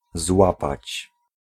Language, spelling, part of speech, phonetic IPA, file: Polish, złapać, verb, [ˈzwapat͡ɕ], Pl-złapać.ogg